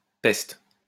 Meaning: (noun) 1. plague (disease) 2. brat 3. pest; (interjection) wow, oh my God, holy shit (an exclamation denoting surprise or astonishment)
- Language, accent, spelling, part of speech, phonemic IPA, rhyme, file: French, France, peste, noun / interjection / verb, /pɛst/, -ɛst, LL-Q150 (fra)-peste.wav